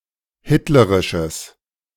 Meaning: strong/mixed nominative/accusative neuter singular of hitlerisch
- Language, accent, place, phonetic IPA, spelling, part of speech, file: German, Germany, Berlin, [ˈhɪtləʁɪʃəs], hitlerisches, adjective, De-hitlerisches.ogg